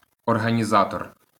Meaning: organizer
- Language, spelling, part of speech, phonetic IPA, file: Ukrainian, організатор, noun, [ɔrɦɐnʲiˈzatɔr], LL-Q8798 (ukr)-організатор.wav